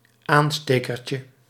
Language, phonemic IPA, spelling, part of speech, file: Dutch, /ˈanstekərcə/, aanstekertje, noun, Nl-aanstekertje.ogg
- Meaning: diminutive of aansteker